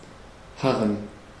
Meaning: to await patiently: 1. with resignation or humility 2. with longingness or hopefulness
- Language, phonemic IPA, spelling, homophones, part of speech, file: German, /ˈharən/, harren, Haaren / Hahn, verb, De-harren.ogg